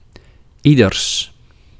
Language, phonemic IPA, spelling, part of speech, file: Dutch, /ˈidərs/, ieders, pronoun, Nl-ieders.ogg
- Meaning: everybody's